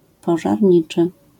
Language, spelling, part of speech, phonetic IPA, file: Polish, pożarniczy, adjective, [ˌpɔʒarʲˈɲit͡ʃɨ], LL-Q809 (pol)-pożarniczy.wav